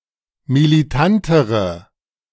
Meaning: inflection of militant: 1. strong/mixed nominative/accusative feminine singular comparative degree 2. strong nominative/accusative plural comparative degree
- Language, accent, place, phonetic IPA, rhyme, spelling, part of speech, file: German, Germany, Berlin, [miliˈtantəʁə], -antəʁə, militantere, adjective, De-militantere.ogg